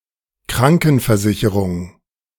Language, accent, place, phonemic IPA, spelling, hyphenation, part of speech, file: German, Germany, Berlin, /ˈkʁaŋkn̩fɛɐ̯ˌzɪçəʁʊŋ/, Krankenversicherung, Kran‧ken‧ver‧si‧che‧rung, noun, De-Krankenversicherung.ogg
- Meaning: health insurance